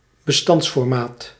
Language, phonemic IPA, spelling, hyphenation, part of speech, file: Dutch, /bəˈstɑnts.fɔrˌmaːt/, bestandsformaat, be‧stands‧for‧maat, noun, Nl-bestandsformaat.ogg
- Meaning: file format